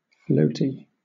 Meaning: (adjective) Tending to float on a liquid or to rise in air or a gas; buoyant
- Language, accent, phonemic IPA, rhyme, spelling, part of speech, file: English, Southern England, /ˈfləʊti/, -əʊti, floaty, adjective / noun, LL-Q1860 (eng)-floaty.wav